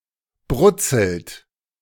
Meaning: inflection of brutzeln: 1. second-person plural present 2. third-person singular present 3. plural imperative
- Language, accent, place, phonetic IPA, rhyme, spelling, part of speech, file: German, Germany, Berlin, [ˈbʁʊt͡sl̩t], -ʊt͡sl̩t, brutzelt, verb, De-brutzelt.ogg